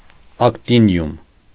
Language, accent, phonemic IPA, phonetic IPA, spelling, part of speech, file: Armenian, Eastern Armenian, /ɑktiˈnjum/, [ɑktinjúm], ակտինիում, noun, Hy-ակտինիում.ogg
- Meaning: actinium